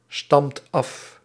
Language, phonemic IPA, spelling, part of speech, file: Dutch, /ˈstɑmt ˈɑf/, stamt af, verb, Nl-stamt af.ogg
- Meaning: inflection of afstammen: 1. second/third-person singular present indicative 2. plural imperative